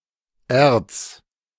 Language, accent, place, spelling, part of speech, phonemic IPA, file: German, Germany, Berlin, erz-, prefix, /ɛrts/, De-erz-.ogg
- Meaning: arch-, ultra-